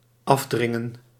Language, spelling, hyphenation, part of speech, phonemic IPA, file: Dutch, afdringen, af‧drin‧gen, verb, /ˈɑfˌdrɪ.ŋə(n)/, Nl-afdringen.ogg
- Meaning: 1. to extort, to exact, to commit extortion 2. to press away, to force away 3. to force down, to press off 4. Used other than figuratively or idiomatically: see vanaf, dringen